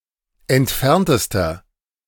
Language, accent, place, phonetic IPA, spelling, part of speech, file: German, Germany, Berlin, [ɛntˈfɛʁntəstɐ], entferntester, adjective, De-entferntester.ogg
- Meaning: inflection of entfernt: 1. strong/mixed nominative masculine singular superlative degree 2. strong genitive/dative feminine singular superlative degree 3. strong genitive plural superlative degree